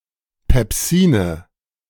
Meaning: nominative/accusative/genitive plural of Pepsin
- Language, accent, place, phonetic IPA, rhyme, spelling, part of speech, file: German, Germany, Berlin, [pɛpˈziːnə], -iːnə, Pepsine, noun, De-Pepsine.ogg